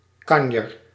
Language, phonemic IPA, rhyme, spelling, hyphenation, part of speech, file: Dutch, /ˈkɑn.jər/, -ɑnjər, kanjer, kan‧jer, noun, Nl-kanjer.ogg
- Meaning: 1. something or someone who is big or the biggest of their kind; a whopper 2. one who is admirable; a hero, a star 3. a lazy and/or boastful person 4. a quack, a charlatan